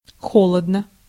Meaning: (adverb) coldly; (adjective) 1. one is cold 2. short neuter singular of холо́дный (xolódnyj)
- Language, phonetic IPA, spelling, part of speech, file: Russian, [ˈxoɫədnə], холодно, adverb / adjective, Ru-холодно.ogg